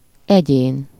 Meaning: 1. individual, person 2. entity (that which has a distinct existence as an individual unit)
- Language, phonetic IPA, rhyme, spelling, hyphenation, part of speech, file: Hungarian, [ˈɛɟeːn], -eːn, egyén, egyén, noun, Hu-egyén.ogg